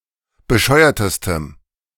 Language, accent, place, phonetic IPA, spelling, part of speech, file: German, Germany, Berlin, [bəˈʃɔɪ̯ɐtəstəm], bescheuertestem, adjective, De-bescheuertestem.ogg
- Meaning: strong dative masculine/neuter singular superlative degree of bescheuert